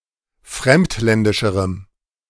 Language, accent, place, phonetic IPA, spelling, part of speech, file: German, Germany, Berlin, [ˈfʁɛmtˌlɛndɪʃəʁəm], fremdländischerem, adjective, De-fremdländischerem.ogg
- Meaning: strong dative masculine/neuter singular comparative degree of fremdländisch